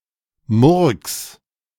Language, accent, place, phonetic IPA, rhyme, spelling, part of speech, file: German, Germany, Berlin, [mʊʁks], -ʊʁks, murks, verb, De-murks.ogg
- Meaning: 1. singular imperative of murksen 2. first-person singular present of murksen